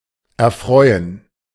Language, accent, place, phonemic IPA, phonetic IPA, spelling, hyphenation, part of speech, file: German, Germany, Berlin, /ɛʁˈfʁɔʏ̯ən/, [ʔɛɐ̯ˈfʁɔʏ̯n], erfreuen, er‧freu‧en, verb, De-erfreuen.ogg
- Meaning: 1. to please; to make happy 2. to enjoy; to delight in